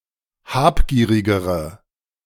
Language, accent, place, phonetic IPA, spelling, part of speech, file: German, Germany, Berlin, [ˈhaːpˌɡiːʁɪɡəʁə], habgierigere, adjective, De-habgierigere.ogg
- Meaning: inflection of habgierig: 1. strong/mixed nominative/accusative feminine singular comparative degree 2. strong nominative/accusative plural comparative degree